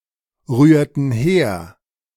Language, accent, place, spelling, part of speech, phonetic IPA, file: German, Germany, Berlin, rührten her, verb, [ˌʁyːɐ̯tn̩ ˈheːɐ̯], De-rührten her.ogg
- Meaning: inflection of herrühren: 1. first/third-person plural preterite 2. first/third-person plural subjunctive II